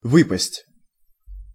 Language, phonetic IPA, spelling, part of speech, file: Russian, [ˈvɨpəsʲtʲ], выпасть, verb, Ru-выпасть.ogg
- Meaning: 1. to drop out, to fall out 2. to come out 3. to fall out, to come out 4. to fall (precipitations, sediments)